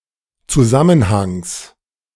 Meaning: genitive singular of Zusammenhang
- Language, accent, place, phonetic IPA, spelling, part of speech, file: German, Germany, Berlin, [t͡suˈzamənhaŋs], Zusammenhangs, noun, De-Zusammenhangs.ogg